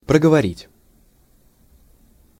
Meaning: 1. to say, to utter 2. to talk (for a while)
- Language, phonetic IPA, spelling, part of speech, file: Russian, [prəɡəvɐˈrʲitʲ], проговорить, verb, Ru-проговорить.ogg